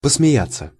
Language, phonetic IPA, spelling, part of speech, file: Russian, [pəsmʲɪˈjat͡sːə], посмеяться, verb, Ru-посмеяться.ogg
- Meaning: 1. to laugh, to chuckle 2. to laugh (at), to mock (at), to make fun, to scoff 3. to joke, to say in jest